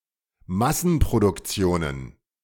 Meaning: plural of Massenproduktion
- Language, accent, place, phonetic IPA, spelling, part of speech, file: German, Germany, Berlin, [ˈmasn̩pʁodʊkˌt͡si̯oːnən], Massenproduktionen, noun, De-Massenproduktionen.ogg